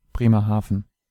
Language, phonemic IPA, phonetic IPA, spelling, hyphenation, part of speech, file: German, /bʁeːməʁˈhaːfən/, [ˌbʁeː.mɐˈhaː.fn̩], Bremerhaven, Bre‧mer‧ha‧ven, proper noun, De-Bremerhaven.ogg
- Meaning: Bremerhaven (a city in Bremen, northwestern Germany)